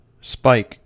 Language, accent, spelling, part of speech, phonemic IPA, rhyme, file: English, US, spike, noun / verb, /spaɪk/, -aɪk, En-us-spike.ogg
- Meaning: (noun) 1. A sort of very large nail 2. A piece of pointed metal etc. set with points upward or outward 3. Anything resembling such a nail in shape 4. An ear of corn or grain